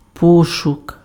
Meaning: search
- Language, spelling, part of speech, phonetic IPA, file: Ukrainian, пошук, noun, [ˈpɔʃʊk], Uk-пошук.ogg